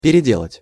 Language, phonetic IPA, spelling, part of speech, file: Russian, [pʲɪrʲɪˈdʲeɫətʲ], переделать, verb, Ru-переделать.ogg
- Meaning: 1. to make over, to alter (to change the form or structure of) 2. to do anew, to rework 3. to do in large quantities